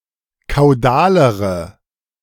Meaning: inflection of kaudal: 1. strong/mixed nominative/accusative feminine singular comparative degree 2. strong nominative/accusative plural comparative degree
- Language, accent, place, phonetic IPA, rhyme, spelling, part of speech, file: German, Germany, Berlin, [kaʊ̯ˈdaːləʁə], -aːləʁə, kaudalere, adjective, De-kaudalere.ogg